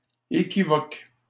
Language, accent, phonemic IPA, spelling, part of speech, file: French, Canada, /e.ki.vɔk/, équivoque, adjective / noun / verb, LL-Q150 (fra)-équivoque.wav
- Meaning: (adjective) equivocal; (noun) 1. equivocation (expression susceptible of a double signification, possibly misleading) 2. double entendre